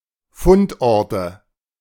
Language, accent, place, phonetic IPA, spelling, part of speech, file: German, Germany, Berlin, [ˈfʊntˌʔɔʁtə], Fundorte, noun, De-Fundorte.ogg
- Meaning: nominative/accusative/genitive plural of Fundort